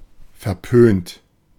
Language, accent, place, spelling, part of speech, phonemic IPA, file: German, Germany, Berlin, verpönt, adjective, /ˌfɛɐ̯ˈpøːnt/, De-verpönt.ogg
- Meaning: frowned upon, disapproved, scorned